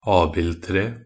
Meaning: an apple tree (any tree that bears apples, principally Malus domestica but also certain wild species)
- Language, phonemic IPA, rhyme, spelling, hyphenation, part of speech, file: Norwegian Bokmål, /ˈɑːbɪltreː/, -eː, abildtre, ab‧ild‧tre, noun, Nb-abildtre.ogg